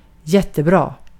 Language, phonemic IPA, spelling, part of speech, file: Swedish, /²jɛtːɛˌbrɑː/, jättebra, adjective / adverb, Sv-jättebra.ogg
- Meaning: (adjective) very good, fantastic, excellent; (adverb) very well, fantastically, excellent